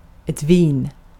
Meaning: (noun) 1. wine 2. Any plant in the grape family (Vitaceae), vine 3. synonym of vinande; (verb) inflection of vina: 1. present indicative 2. imperative
- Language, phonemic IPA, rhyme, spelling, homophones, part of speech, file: Swedish, /viːn/, -iːn, vin, Wien, noun / verb, Sv-vin.ogg